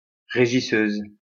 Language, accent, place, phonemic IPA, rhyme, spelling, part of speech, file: French, France, Lyon, /ʁe.ʒi.søz/, -øz, régisseuse, noun, LL-Q150 (fra)-régisseuse.wav
- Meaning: female equivalent of régisseur